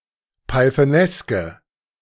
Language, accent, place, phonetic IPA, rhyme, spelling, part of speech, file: German, Germany, Berlin, [paɪ̯θəˈnɛskə], -ɛskə, pythoneske, adjective, De-pythoneske.ogg
- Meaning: inflection of pythonesk: 1. strong/mixed nominative/accusative feminine singular 2. strong nominative/accusative plural 3. weak nominative all-gender singular